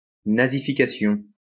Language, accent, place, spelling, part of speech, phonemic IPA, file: French, France, Lyon, nazification, noun, /na.zi.fi.ka.sjɔ̃/, LL-Q150 (fra)-nazification.wav
- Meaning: Nazification